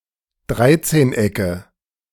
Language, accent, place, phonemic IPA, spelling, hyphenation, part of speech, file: German, Germany, Berlin, /ˈdʁaɪ̯tseːnˌ.ɛkə/, Dreizehnecke, Drei‧zehn‧ecke, noun, De-Dreizehnecke.ogg
- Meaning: nominative/accusative/genitive plural of Dreizehneck